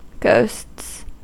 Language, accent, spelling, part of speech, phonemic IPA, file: English, US, ghosts, noun / verb, /ɡoʊsts/, En-us-ghosts.ogg
- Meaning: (noun) plural of ghost; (verb) third-person singular simple present indicative of ghost